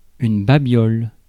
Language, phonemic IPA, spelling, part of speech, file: French, /ba.bjɔl/, babiole, noun, Fr-babiole.ogg
- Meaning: useless or worthless thing; a trinket